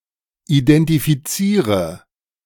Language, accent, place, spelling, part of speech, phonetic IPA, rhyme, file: German, Germany, Berlin, identifiziere, verb, [idɛntifiˈt͡siːʁə], -iːʁə, De-identifiziere.ogg
- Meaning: inflection of identifizieren: 1. first-person singular present 2. singular imperative 3. first/third-person singular subjunctive I